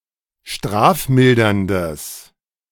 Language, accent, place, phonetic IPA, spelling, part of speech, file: German, Germany, Berlin, [ˈʃtʁaːfˌmɪldɐndəs], strafmilderndes, adjective, De-strafmilderndes.ogg
- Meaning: strong/mixed nominative/accusative neuter singular of strafmildernd